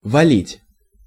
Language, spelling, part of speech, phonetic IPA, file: Russian, валить, verb, [vɐˈlʲitʲ], Ru-валить.ogg
- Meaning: 1. to knock down, to kill (e.g. of a disease killing people or animals) 2. to heap up (transitive) 3. to cut, to fell (trees), to make someone fall, to throw down (on the ground)